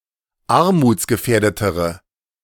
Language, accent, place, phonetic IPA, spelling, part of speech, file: German, Germany, Berlin, [ˈaʁmuːt͡sɡəˌfɛːɐ̯dətəʁə], armutsgefährdetere, adjective, De-armutsgefährdetere.ogg
- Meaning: inflection of armutsgefährdet: 1. strong/mixed nominative/accusative feminine singular comparative degree 2. strong nominative/accusative plural comparative degree